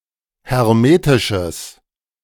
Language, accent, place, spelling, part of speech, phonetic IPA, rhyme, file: German, Germany, Berlin, hermetisches, adjective, [hɛʁˈmeːtɪʃəs], -eːtɪʃəs, De-hermetisches.ogg
- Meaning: strong/mixed nominative/accusative neuter singular of hermetisch